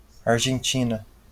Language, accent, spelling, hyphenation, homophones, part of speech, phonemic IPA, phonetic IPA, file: Portuguese, Brazil, Argentina, Ar‧gen‧ti‧na, argentina, proper noun, /aʁ.ʒẽˈt͡ʃĩ.nɐ/, [aɦ.ʒẽˈt͡ʃĩ.nɐ], LL-Q5146 (por)-Argentina.wav
- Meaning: Argentina (a country in South America; official name: República Argentina)